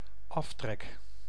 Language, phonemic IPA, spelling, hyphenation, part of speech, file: Dutch, /ˈɑf.trɛk/, aftrek, af‧trek, noun / verb, Nl-aftrek.ogg
- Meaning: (noun) deduction; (verb) first-person singular dependent-clause present indicative of aftrekken